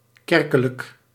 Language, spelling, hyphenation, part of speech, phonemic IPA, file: Dutch, kerkelijk, ker‧ke‧lijk, adjective, /ˈkɛr.kə.lək/, Nl-kerkelijk.ogg
- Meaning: 1. ecclesiastic; (used attributely) church 2. believing, adhering to (a specific) church